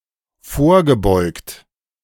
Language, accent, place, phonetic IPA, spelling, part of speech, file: German, Germany, Berlin, [ˈfoːɐ̯ɡəˌbɔɪ̯kt], vorgebeugt, verb, De-vorgebeugt.ogg
- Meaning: past participle of vorbeugen